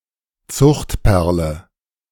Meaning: cultured pearl
- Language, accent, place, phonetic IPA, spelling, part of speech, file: German, Germany, Berlin, [ˈt͡sʊxtˌpɛʁlə], Zuchtperle, noun, De-Zuchtperle.ogg